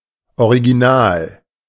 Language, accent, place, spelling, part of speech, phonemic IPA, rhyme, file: German, Germany, Berlin, original, adjective / adverb, /oʁiɡiˈnaːl/, -aːl, De-original.ogg
- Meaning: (adjective) original; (adverb) really, actually